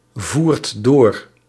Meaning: inflection of doorvoeren: 1. second/third-person singular present indicative 2. plural imperative
- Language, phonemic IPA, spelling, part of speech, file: Dutch, /ˈvuːrt ˈdor/, voert door, verb, Nl-voert door.ogg